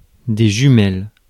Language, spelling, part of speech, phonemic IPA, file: French, jumelles, noun, /ʒy.mɛl/, Fr-jumelles.ogg
- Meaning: plural of jumelle